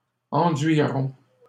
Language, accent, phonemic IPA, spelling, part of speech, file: French, Canada, /ɑ̃.dɥi.ʁɔ̃/, enduiront, verb, LL-Q150 (fra)-enduiront.wav
- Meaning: third-person plural simple future of enduire